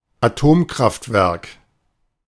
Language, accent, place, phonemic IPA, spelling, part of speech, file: German, Germany, Berlin, /aˈtoːmˌkʁaftvɛʁk/, Atomkraftwerk, noun, De-Atomkraftwerk.ogg
- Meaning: nuclear power plant